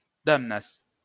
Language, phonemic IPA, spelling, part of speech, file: Esperanto, /ˈdamnas/, damnas, verb, LL-Q143 (epo)-damnas.wav